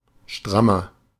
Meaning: 1. comparative degree of stramm 2. inflection of stramm: strong/mixed nominative masculine singular 3. inflection of stramm: strong genitive/dative feminine singular
- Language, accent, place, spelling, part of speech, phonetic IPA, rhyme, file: German, Germany, Berlin, strammer, adjective, [ˈʃtʁamɐ], -amɐ, De-strammer.ogg